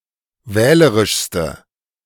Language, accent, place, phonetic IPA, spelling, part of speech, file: German, Germany, Berlin, [ˈvɛːləʁɪʃstə], wählerischste, adjective, De-wählerischste.ogg
- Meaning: inflection of wählerisch: 1. strong/mixed nominative/accusative feminine singular superlative degree 2. strong nominative/accusative plural superlative degree